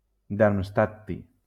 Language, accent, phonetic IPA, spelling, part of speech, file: Catalan, Valencia, [daɾmsˈtat.ti], darmstadti, noun, LL-Q7026 (cat)-darmstadti.wav
- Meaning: darmstadtium